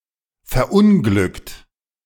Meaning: 1. past participle of verunglücken 2. inflection of verunglücken: second-person plural present 3. inflection of verunglücken: third-person singular present
- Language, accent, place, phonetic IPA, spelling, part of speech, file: German, Germany, Berlin, [fɛɐ̯ˈʔʊnɡlʏkt], verunglückt, verb, De-verunglückt.ogg